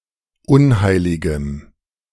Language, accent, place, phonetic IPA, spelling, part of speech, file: German, Germany, Berlin, [ˈʊnˌhaɪ̯lɪɡəm], unheiligem, adjective, De-unheiligem.ogg
- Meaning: strong dative masculine/neuter singular of unheilig